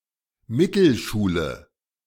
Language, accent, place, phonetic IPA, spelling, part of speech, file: German, Germany, Berlin, [ˈmɪtl̩ˌʃuːlə], Mittelschule, noun, De-Mittelschule.ogg
- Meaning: middle school, junior high school